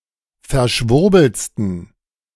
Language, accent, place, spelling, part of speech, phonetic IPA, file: German, Germany, Berlin, verschwurbeltsten, adjective, [fɛɐ̯ˈʃvʊʁbl̩t͡stn̩], De-verschwurbeltsten.ogg
- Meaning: 1. superlative degree of verschwurbelt 2. inflection of verschwurbelt: strong genitive masculine/neuter singular superlative degree